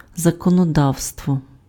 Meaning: legislation, lawmaking
- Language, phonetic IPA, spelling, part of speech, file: Ukrainian, [zɐkɔnɔˈdau̯stwɔ], законодавство, noun, Uk-законодавство.ogg